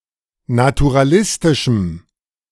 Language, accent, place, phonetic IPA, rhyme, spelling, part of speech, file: German, Germany, Berlin, [natuʁaˈlɪstɪʃm̩], -ɪstɪʃm̩, naturalistischem, adjective, De-naturalistischem.ogg
- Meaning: strong dative masculine/neuter singular of naturalistisch